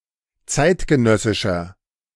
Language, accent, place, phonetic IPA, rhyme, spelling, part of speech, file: German, Germany, Berlin, [ˈt͡saɪ̯tɡəˌnœsɪʃɐ], -aɪ̯tɡənœsɪʃɐ, zeitgenössischer, adjective, De-zeitgenössischer.ogg
- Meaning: inflection of zeitgenössisch: 1. strong/mixed nominative masculine singular 2. strong genitive/dative feminine singular 3. strong genitive plural